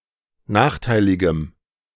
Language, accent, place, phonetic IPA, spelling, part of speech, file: German, Germany, Berlin, [ˈnaːxˌtaɪ̯lɪɡəm], nachteiligem, adjective, De-nachteiligem.ogg
- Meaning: strong dative masculine/neuter singular of nachteilig